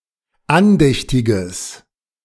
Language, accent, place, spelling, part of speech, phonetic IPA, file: German, Germany, Berlin, andächtiges, adjective, [ˈanˌdɛçtɪɡəs], De-andächtiges.ogg
- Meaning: strong/mixed nominative/accusative neuter singular of andächtig